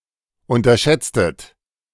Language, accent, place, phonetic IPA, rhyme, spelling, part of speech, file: German, Germany, Berlin, [ˌʊntɐˈʃɛt͡stət], -ɛt͡stət, unterschätztet, verb, De-unterschätztet.ogg
- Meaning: inflection of unterschätzen: 1. second-person plural preterite 2. second-person plural subjunctive II